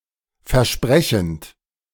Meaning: present participle of versprechen
- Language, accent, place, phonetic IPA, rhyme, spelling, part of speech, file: German, Germany, Berlin, [fɛɐ̯ˈʃpʁɛçn̩t], -ɛçn̩t, versprechend, verb, De-versprechend.ogg